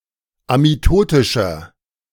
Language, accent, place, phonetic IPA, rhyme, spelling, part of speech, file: German, Germany, Berlin, [amiˈtoːtɪʃɐ], -oːtɪʃɐ, amitotischer, adjective, De-amitotischer.ogg
- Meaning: inflection of amitotisch: 1. strong/mixed nominative masculine singular 2. strong genitive/dative feminine singular 3. strong genitive plural